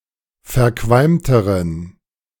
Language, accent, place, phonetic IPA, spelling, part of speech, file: German, Germany, Berlin, [fɛɐ̯ˈkvalmtəʁən], verqualmteren, adjective, De-verqualmteren.ogg
- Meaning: inflection of verqualmt: 1. strong genitive masculine/neuter singular comparative degree 2. weak/mixed genitive/dative all-gender singular comparative degree